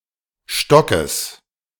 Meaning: genitive singular of Stock
- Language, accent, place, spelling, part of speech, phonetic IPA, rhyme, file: German, Germany, Berlin, Stockes, noun, [ˈʃtɔkəs], -ɔkəs, De-Stockes.ogg